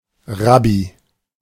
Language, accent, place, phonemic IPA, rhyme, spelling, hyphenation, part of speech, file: German, Germany, Berlin, /ˈʁabi/, -abi, Rabbi, Rab‧bi, noun, De-Rabbi.ogg
- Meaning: rabbi (Jewish religious scholar)